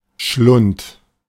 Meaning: 1. throat, pharynx (interior of the front of the neck) 2. maw (open mouth of a dangerous creature) 3. abyss, depth
- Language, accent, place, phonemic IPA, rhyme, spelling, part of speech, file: German, Germany, Berlin, /ʃlʊnt/, -ʊnt, Schlund, noun, De-Schlund.ogg